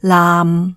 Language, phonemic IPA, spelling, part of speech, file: Cantonese, /laːm˨/, laam6, romanization, Yue-laam6.ogg
- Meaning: 1. Jyutping transcription of 嚂 /𰈓 2. Jyutping transcription of 纜 /缆